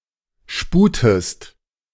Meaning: inflection of sputen: 1. second-person singular present 2. second-person singular subjunctive I
- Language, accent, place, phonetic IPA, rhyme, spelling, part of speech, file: German, Germany, Berlin, [ˈʃpuːtəst], -uːtəst, sputest, verb, De-sputest.ogg